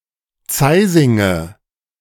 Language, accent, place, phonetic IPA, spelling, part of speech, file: German, Germany, Berlin, [ˈt͡saɪzɪŋə], Zeisinge, noun, De-Zeisinge.ogg
- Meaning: nominative/accusative/genitive plural of Zeising